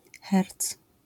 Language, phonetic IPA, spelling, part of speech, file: Polish, [xɛrt͡s], herc, noun, LL-Q809 (pol)-herc.wav